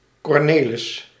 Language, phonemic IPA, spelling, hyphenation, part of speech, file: Dutch, /ˌkɔrˈneː.lɪs/, Cornelis, Cor‧ne‧lis, proper noun, Nl-Cornelis.ogg
- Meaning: a male given name, equivalent to English Cornelius